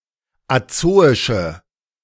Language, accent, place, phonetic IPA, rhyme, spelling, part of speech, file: German, Germany, Berlin, [aˈt͡soːɪʃə], -oːɪʃə, azoische, adjective, De-azoische.ogg
- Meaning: inflection of azoisch: 1. strong/mixed nominative/accusative feminine singular 2. strong nominative/accusative plural 3. weak nominative all-gender singular 4. weak accusative feminine/neuter singular